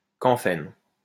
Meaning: camphene
- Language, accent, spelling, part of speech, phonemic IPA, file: French, France, camphène, noun, /kɑ̃.fɛn/, LL-Q150 (fra)-camphène.wav